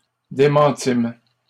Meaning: first-person plural past historic of démentir
- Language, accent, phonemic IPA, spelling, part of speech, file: French, Canada, /de.mɑ̃.tim/, démentîmes, verb, LL-Q150 (fra)-démentîmes.wav